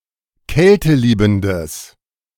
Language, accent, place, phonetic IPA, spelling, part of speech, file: German, Germany, Berlin, [ˈkɛltəˌliːbm̩dəs], kälteliebendes, adjective, De-kälteliebendes.ogg
- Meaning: strong/mixed nominative/accusative neuter singular of kälteliebend